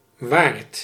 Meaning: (noun) 1. an innkeeper, a publican 2. a landlord, a host 3. the master of the household; a husband, 4. a protector, a lord; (adjective) worth
- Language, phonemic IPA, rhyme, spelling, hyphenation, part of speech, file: Dutch, /ʋaːrt/, -aːrt, waard, waard, noun / adjective, Nl-waard.ogg